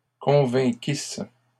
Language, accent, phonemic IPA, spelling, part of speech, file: French, Canada, /kɔ̃.vɛ̃.kis/, convainquisse, verb, LL-Q150 (fra)-convainquisse.wav
- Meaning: first-person singular imperfect subjunctive of convaincre